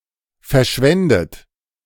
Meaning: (verb) past participle of verschwenden; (adjective) wasted, squandered; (verb) inflection of verschwenden: 1. third-person singular present 2. second-person plural present 3. plural imperative
- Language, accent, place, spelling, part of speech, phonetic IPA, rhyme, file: German, Germany, Berlin, verschwendet, verb, [fɛɐ̯ˈʃvɛndət], -ɛndət, De-verschwendet.ogg